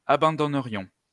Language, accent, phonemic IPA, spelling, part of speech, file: French, France, /a.bɑ̃.dɔ.nə.ʁjɔ̃/, abandonnerions, verb, LL-Q150 (fra)-abandonnerions.wav
- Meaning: first-person plural conditional of abandonner